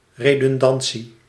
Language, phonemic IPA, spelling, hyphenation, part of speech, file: Dutch, /ˌreː.dʏnˈdɑn.(t)si/, redundantie, re‧dun‧dan‧tie, noun, Nl-redundantie.ogg
- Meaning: redundancy